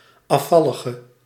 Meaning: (noun) an apostate, a renegade; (adjective) inflection of afvallig: 1. indefinite masculine and feminine singular 2. indefinite plural 3. definite
- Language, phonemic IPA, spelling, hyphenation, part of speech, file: Dutch, /ˌɑˈfɑ.lə.ɣə/, afvallige, af‧val‧li‧ge, noun / adjective, Nl-afvallige.ogg